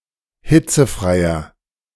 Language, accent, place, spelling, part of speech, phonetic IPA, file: German, Germany, Berlin, hitzefreier, adjective, [ˈhɪt͡səˌfʁaɪ̯ɐ], De-hitzefreier.ogg
- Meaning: inflection of hitzefrei: 1. strong/mixed nominative masculine singular 2. strong genitive/dative feminine singular 3. strong genitive plural